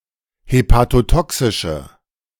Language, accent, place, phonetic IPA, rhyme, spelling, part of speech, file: German, Germany, Berlin, [hepatoˈtɔksɪʃə], -ɔksɪʃə, hepatotoxische, adjective, De-hepatotoxische.ogg
- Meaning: inflection of hepatotoxisch: 1. strong/mixed nominative/accusative feminine singular 2. strong nominative/accusative plural 3. weak nominative all-gender singular